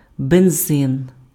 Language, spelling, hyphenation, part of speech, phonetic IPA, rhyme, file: Ukrainian, бензин, бен‧зин, noun, [benˈzɪn], -ɪn, Uk-бензин.ogg
- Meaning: petrol, gasoline